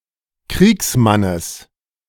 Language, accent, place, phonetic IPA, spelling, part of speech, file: German, Germany, Berlin, [ˈkʁiːksˌmanəs], Kriegsmannes, noun, De-Kriegsmannes.ogg
- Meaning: genitive of Kriegsmann